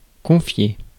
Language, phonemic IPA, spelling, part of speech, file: French, /kɔ̃.fje/, confier, verb, Fr-confier.ogg
- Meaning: 1. to confide 2. to entrust